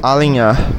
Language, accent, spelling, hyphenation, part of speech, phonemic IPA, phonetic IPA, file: Portuguese, Brazil, alinhar, a‧li‧nhar, verb, /a.lĩˈɲa(ʁ)/, [a.lĩˈj̃a(h)], Pt-br-alinhar.ogg
- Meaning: to align, line up